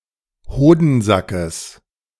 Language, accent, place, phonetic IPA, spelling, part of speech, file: German, Germany, Berlin, [ˈhoːdn̩ˌzakəs], Hodensackes, noun, De-Hodensackes.ogg
- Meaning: genitive singular of Hodensack